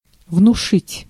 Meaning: 1. to arouse (fear, etc.), to instill/inspire (respect, etc.) 2. to convince, to suggest
- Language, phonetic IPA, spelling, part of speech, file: Russian, [vnʊˈʂɨtʲ], внушить, verb, Ru-внушить.ogg